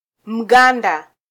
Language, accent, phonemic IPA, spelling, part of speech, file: Swahili, Kenya, /m̩ˈɠɑ.ⁿdɑ/, Mganda, noun, Sw-ke-Mganda.flac
- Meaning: Ugandan